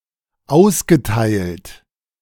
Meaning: past participle of austeilen
- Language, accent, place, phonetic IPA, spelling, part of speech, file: German, Germany, Berlin, [ˈaʊ̯sɡəˌtaɪ̯lt], ausgeteilt, verb, De-ausgeteilt.ogg